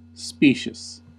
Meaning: 1. Seemingly well-reasoned, plausible or true, but actually fallacious 2. Employing fallacious but deceptively plausible arguments; deceitful
- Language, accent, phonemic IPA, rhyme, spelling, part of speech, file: English, US, /ˈspiːʃəs/, -iːʃəs, specious, adjective, En-us-specious.ogg